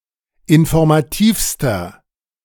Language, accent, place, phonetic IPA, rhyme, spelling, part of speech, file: German, Germany, Berlin, [ɪnfɔʁmaˈtiːfstɐ], -iːfstɐ, informativster, adjective, De-informativster.ogg
- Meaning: inflection of informativ: 1. strong/mixed nominative masculine singular superlative degree 2. strong genitive/dative feminine singular superlative degree 3. strong genitive plural superlative degree